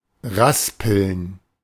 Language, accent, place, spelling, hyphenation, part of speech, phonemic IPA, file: German, Germany, Berlin, raspeln, ras‧peln, verb, /ˈraspəln/, De-raspeln.ogg
- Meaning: 1. to rasp, to smooth sharp edges and corners with a rasp (esp. of metal, wood, etc.) 2. to grate (cheese, vegetables, etc.) 3. to make a rasping or grating noise